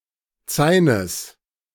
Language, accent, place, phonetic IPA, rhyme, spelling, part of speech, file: German, Germany, Berlin, [ˈt͡saɪ̯nəs], -aɪ̯nəs, Zaines, noun, De-Zaines.ogg
- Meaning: genitive singular of Zain